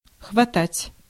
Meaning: 1. to grasp, to grab, to seize, to snap, to snatch, to catch, to catch hold of 2. to suffice, to be enough, to be sufficient, to adequate
- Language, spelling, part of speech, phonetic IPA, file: Russian, хватать, verb, [xvɐˈtatʲ], Ru-хватать.ogg